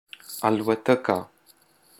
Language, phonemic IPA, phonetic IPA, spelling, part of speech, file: Pashto, /al.wa.tə.ka/, [äl.wä.t̪ə́.kä], الوتکه, noun, Alwatka.wav
- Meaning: airplane